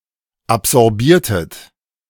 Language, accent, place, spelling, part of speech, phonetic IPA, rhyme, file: German, Germany, Berlin, absorbiertet, verb, [apzɔʁˈbiːɐ̯tət], -iːɐ̯tət, De-absorbiertet.ogg
- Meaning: inflection of absorbieren: 1. second-person plural preterite 2. second-person plural subjunctive II